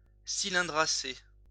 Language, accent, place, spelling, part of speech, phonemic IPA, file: French, France, Lyon, cylindracé, adjective, /si.lɛ̃.dʁa.se/, LL-Q150 (fra)-cylindracé.wav
- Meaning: cylindraceous